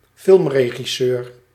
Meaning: film director
- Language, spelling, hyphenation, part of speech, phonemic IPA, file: Dutch, filmregisseur, film‧re‧gis‧seur, noun, /ˈfɪlm.reː.ɣiˌsøːr/, Nl-filmregisseur.ogg